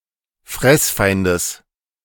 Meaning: plural of Fressfeind
- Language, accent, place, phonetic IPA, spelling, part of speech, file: German, Germany, Berlin, [ˈfʁɛsˌfaɪ̯ndəs], Fressfeindes, noun, De-Fressfeindes.ogg